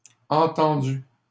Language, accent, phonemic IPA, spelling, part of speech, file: French, Canada, /ɑ̃.tɑ̃.dy/, entendues, verb, LL-Q150 (fra)-entendues.wav
- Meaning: feminine plural of entendu